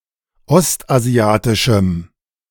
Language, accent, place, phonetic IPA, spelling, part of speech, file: German, Germany, Berlin, [ˈɔstʔaˌzi̯aːtɪʃm̩], ostasiatischem, adjective, De-ostasiatischem.ogg
- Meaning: strong dative masculine/neuter singular of ostasiatisch